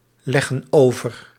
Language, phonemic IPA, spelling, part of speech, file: Dutch, /ˈlɛɣə(n) ˈovər/, leggen over, verb, Nl-leggen over.ogg
- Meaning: inflection of overleggen: 1. plural present indicative 2. plural present subjunctive